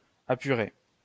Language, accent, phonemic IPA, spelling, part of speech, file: French, France, /a.py.ʁe/, apurer, verb, LL-Q150 (fra)-apurer.wav
- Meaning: to balance (an account)